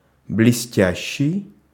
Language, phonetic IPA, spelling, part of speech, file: Russian, [blʲɪˈsʲtʲæɕːɪj], блестящий, verb / adjective, Ru-блестящий.ogg
- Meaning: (verb) present active imperfective participle of блесте́ть (blestétʹ); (adjective) 1. shining, glittering, sparkling, flashing 2. brilliant 3. splendid, magnificent, fine